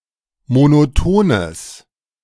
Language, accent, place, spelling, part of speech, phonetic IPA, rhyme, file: German, Germany, Berlin, monotones, adjective, [monoˈtoːnəs], -oːnəs, De-monotones.ogg
- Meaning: strong/mixed nominative/accusative neuter singular of monoton